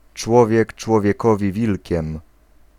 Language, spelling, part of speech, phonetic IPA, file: Polish, człowiek człowiekowi wilkiem, proverb, [ˈt͡ʃwɔvʲjɛk ˌt͡ʃwɔvʲjɛˈkɔvʲi ˈvʲilʲcɛ̃m], Pl-człowiek człowiekowi wilkiem.ogg